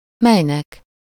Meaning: dative singular of mely
- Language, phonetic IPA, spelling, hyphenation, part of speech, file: Hungarian, [ˈmɛjnɛk], melynek, mely‧nek, pronoun, Hu-melynek.ogg